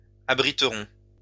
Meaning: first-person plural future of abriter
- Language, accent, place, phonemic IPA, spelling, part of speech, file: French, France, Lyon, /a.bʁi.tʁɔ̃/, abriterons, verb, LL-Q150 (fra)-abriterons.wav